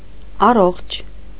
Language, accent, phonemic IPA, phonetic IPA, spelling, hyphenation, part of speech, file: Armenian, Eastern Armenian, /ɑˈroχt͡ʃʰ/, [ɑróχt͡ʃʰ], առողջ, ա‧ռողջ, adjective, Hy-առողջ.ogg
- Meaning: healthy